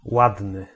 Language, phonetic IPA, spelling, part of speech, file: Polish, [ˈwadnɨ], ładny, adjective, Pl-ładny.ogg